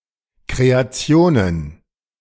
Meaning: plural of Kreation
- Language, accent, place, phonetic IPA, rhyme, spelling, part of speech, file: German, Germany, Berlin, [kʁeaˈt͡si̯oːnən], -oːnən, Kreationen, noun, De-Kreationen.ogg